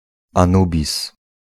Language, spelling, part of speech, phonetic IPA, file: Polish, Anubis, proper noun, [ãˈnubʲis], Pl-Anubis.ogg